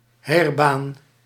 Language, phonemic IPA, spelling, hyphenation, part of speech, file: Dutch, /ˈɦeːr.baːn/, heirbaan, heir‧baan, noun, Nl-heirbaan.ogg
- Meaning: 1. Roman road, originally built for troop movements 2. main road, especially when officially open for international trade